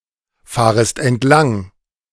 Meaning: second-person singular subjunctive I of entlangfahren
- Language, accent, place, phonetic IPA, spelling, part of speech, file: German, Germany, Berlin, [ˌfaːʁəst ɛntˈlaŋ], fahrest entlang, verb, De-fahrest entlang.ogg